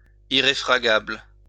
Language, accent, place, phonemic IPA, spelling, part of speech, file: French, France, Lyon, /i.ʁe.fʁa.ɡabl/, irréfragable, adjective, LL-Q150 (fra)-irréfragable.wav
- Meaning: irrefragable